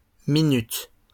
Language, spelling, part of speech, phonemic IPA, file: French, minutes, noun / verb, /mi.nyt/, LL-Q150 (fra)-minutes.wav
- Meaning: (noun) plural of minute; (verb) second-person singular present indicative/subjunctive of minuter